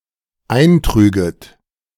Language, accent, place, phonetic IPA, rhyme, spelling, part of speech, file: German, Germany, Berlin, [ˈaɪ̯nˌtʁyːɡət], -aɪ̯ntʁyːɡət, eintrüget, verb, De-eintrüget.ogg
- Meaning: second-person plural dependent subjunctive II of eintragen